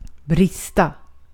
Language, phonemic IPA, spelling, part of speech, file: Swedish, /²brɪsːta/, brista, verb, Sv-brista.ogg
- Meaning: 1. to break, to burst 2. to be lacking (in some respect)